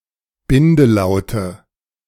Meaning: nominative/accusative/genitive plural of Bindelaut
- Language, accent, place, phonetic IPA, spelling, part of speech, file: German, Germany, Berlin, [ˈbɪndəˌlaʊ̯tə], Bindelaute, noun, De-Bindelaute.ogg